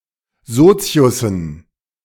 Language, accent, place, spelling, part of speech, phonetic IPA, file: German, Germany, Berlin, Soziussen, noun, [ˈzoːt͡si̯ʊsn̩], De-Soziussen.ogg
- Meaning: dative plural of Sozius